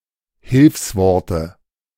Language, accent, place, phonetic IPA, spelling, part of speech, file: German, Germany, Berlin, [ˈhɪlfsˌvɔʁtə], Hilfsworte, noun, De-Hilfsworte.ogg
- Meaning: dative singular of Hilfswort